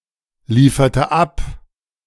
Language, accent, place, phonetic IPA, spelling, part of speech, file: German, Germany, Berlin, [ˌliːfɐtə ˈap], lieferte ab, verb, De-lieferte ab.ogg
- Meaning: inflection of abliefern: 1. first/third-person singular preterite 2. first/third-person singular subjunctive II